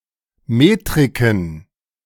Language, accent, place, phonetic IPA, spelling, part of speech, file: German, Germany, Berlin, [ˈmeːtʁɪkn̩], Metriken, noun, De-Metriken.ogg
- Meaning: plural of Metrik